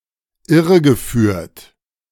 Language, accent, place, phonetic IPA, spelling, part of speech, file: German, Germany, Berlin, [ˈɪʁəɡəˌfyːɐ̯t], irregeführt, verb, De-irregeführt.ogg
- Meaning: past participle of irreführen